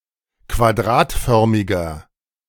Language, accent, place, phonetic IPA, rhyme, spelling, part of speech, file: German, Germany, Berlin, [kvaˈdʁaːtˌfœʁmɪɡɐ], -aːtfœʁmɪɡɐ, quadratförmiger, adjective, De-quadratförmiger.ogg
- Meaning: inflection of quadratförmig: 1. strong/mixed nominative masculine singular 2. strong genitive/dative feminine singular 3. strong genitive plural